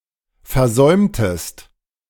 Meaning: inflection of versäumen: 1. second-person singular preterite 2. second-person singular subjunctive II
- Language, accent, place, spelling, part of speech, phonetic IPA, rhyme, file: German, Germany, Berlin, versäumtest, verb, [fɛɐ̯ˈzɔɪ̯mtəst], -ɔɪ̯mtəst, De-versäumtest.ogg